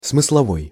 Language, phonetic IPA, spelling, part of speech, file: Russian, [smɨsɫɐˈvoj], смысловой, adjective, Ru-смысловой.ogg
- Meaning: 1. semantic 2. sense